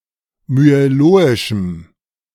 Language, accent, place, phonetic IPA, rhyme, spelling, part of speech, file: German, Germany, Berlin, [myeˈloːɪʃm̩], -oːɪʃm̩, myeloischem, adjective, De-myeloischem.ogg
- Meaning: strong dative masculine/neuter singular of myeloisch